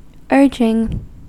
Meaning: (adjective) urgent; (verb) present participle and gerund of urge
- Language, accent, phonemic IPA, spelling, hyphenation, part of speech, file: English, US, /ˈɝd͡ʒɪŋ/, urging, urging, adjective / verb, En-us-urging.ogg